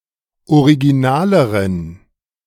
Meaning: inflection of original: 1. strong genitive masculine/neuter singular comparative degree 2. weak/mixed genitive/dative all-gender singular comparative degree
- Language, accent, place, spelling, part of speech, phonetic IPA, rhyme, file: German, Germany, Berlin, originaleren, adjective, [oʁiɡiˈnaːləʁən], -aːləʁən, De-originaleren.ogg